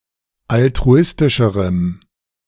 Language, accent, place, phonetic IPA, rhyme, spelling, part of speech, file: German, Germany, Berlin, [altʁuˈɪstɪʃəʁəm], -ɪstɪʃəʁəm, altruistischerem, adjective, De-altruistischerem.ogg
- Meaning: strong dative masculine/neuter singular comparative degree of altruistisch